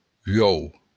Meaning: egg
- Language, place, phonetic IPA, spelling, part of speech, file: Occitan, Béarn, [ˈɥɔu̯], uòu, noun, LL-Q14185 (oci)-uòu.wav